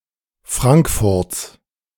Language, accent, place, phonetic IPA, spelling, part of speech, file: German, Germany, Berlin, [ˈfʁaŋkfʊʁt͡s], Frankfurts, noun, De-Frankfurts.ogg
- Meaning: genitive of Frankfurt